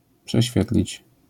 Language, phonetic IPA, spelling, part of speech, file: Polish, [pʃɛˈɕfʲjɛtlʲit͡ɕ], prześwietlić, verb, LL-Q809 (pol)-prześwietlić.wav